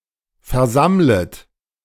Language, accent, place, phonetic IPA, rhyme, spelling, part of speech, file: German, Germany, Berlin, [fɛɐ̯ˈzamlət], -amlət, versammlet, verb, De-versammlet.ogg
- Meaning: second-person plural subjunctive I of versammeln